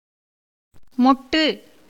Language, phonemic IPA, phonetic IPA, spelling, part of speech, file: Tamil, /moʈːɯ/, [mo̞ʈːɯ], மொட்டு, noun, Ta-மொட்டு.ogg
- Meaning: 1. tender flower bud 2. egg 3. glans penis 4. rounded top of a car (தேர் (tēr))